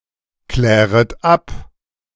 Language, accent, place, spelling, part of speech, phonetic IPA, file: German, Germany, Berlin, kläret ab, verb, [ˌklɛːʁət ˈap], De-kläret ab.ogg
- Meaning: second-person plural subjunctive I of abklären